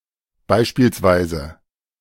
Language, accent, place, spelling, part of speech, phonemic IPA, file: German, Germany, Berlin, beispielsweise, adverb, /ˈbaɪ̯ʃpiːlsˌvaɪ̯zə/, De-beispielsweise.ogg
- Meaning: for example